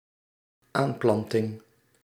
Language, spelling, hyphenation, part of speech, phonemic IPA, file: Dutch, aanplanting, aan‧plan‧ting, noun, /ˈaːmˌplɑntɪŋ/, Nl-aanplanting.ogg
- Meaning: 1. the act or process of planting 2. a plantation with young trees, a tree nursery